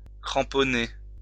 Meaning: 1. to attach with, or drive a spike or hook into 2. to staple, stud (a shoe); attach a crampon, spike, or hook to 3. to stud or attach calks (to a horseshoe)
- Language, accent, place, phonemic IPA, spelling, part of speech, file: French, France, Lyon, /kʁɑ̃.pɔ.ne/, cramponner, verb, LL-Q150 (fra)-cramponner.wav